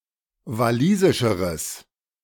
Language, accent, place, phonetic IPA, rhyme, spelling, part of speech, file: German, Germany, Berlin, [vaˈliːzɪʃəʁəs], -iːzɪʃəʁəs, walisischeres, adjective, De-walisischeres.ogg
- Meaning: strong/mixed nominative/accusative neuter singular comparative degree of walisisch